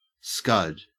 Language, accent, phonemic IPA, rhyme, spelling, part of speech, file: English, Australia, /skʌd/, -ʌd, scud, adjective / verb / noun, En-au-scud.ogg
- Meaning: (adjective) Naked; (verb) 1. To race along swiftly (especially used of clouds) 2. To run, or be driven, before a high wind with few or no sails set 3. To hit or slap 4. To speed